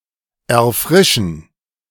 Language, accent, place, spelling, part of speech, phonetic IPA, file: German, Germany, Berlin, erfrischen, verb, [ɛɐ̯ˈfʁɪʃn̩], De-erfrischen.ogg
- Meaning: to refresh (to renew or revitalize, especially by consuming beverages)